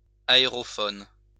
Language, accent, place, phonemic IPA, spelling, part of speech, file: French, France, Lyon, /a.e.ʁɔ.fɔn/, aérophone, noun, LL-Q150 (fra)-aérophone.wav
- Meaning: aerophone